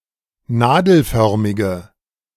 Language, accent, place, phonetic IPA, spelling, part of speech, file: German, Germany, Berlin, [ˈnaːdl̩ˌfœʁmɪɡə], nadelförmige, adjective, De-nadelförmige.ogg
- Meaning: inflection of nadelförmig: 1. strong/mixed nominative/accusative feminine singular 2. strong nominative/accusative plural 3. weak nominative all-gender singular